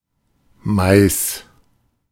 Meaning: 1. maize; corn (US) 2. genitive singular of Mai
- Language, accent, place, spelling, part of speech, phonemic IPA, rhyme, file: German, Germany, Berlin, Mais, noun, /maɪ̯s/, -aɪ̯s, De-Mais.ogg